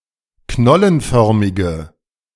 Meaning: inflection of knollenförmig: 1. strong/mixed nominative/accusative feminine singular 2. strong nominative/accusative plural 3. weak nominative all-gender singular
- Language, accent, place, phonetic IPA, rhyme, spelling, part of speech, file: German, Germany, Berlin, [ˈknɔlənˌfœʁmɪɡə], -ɔlənfœʁmɪɡə, knollenförmige, adjective, De-knollenförmige.ogg